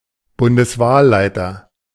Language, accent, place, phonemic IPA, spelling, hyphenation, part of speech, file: German, Germany, Berlin, /ˌbʊndəsˈvaːllaɪ̯tɐ/, Bundeswahlleiter, Bun‧des‧wahl‧lei‧ter, noun, De-Bundeswahlleiter.ogg
- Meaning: the Federal Returning Officer